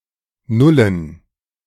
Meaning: inflection of null: 1. strong genitive masculine/neuter singular 2. weak/mixed genitive/dative all-gender singular 3. strong/weak/mixed accusative masculine singular 4. strong dative plural
- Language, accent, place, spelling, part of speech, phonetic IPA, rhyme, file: German, Germany, Berlin, nullen, verb, [ˈnʊlən], -ʊlən, De-nullen.ogg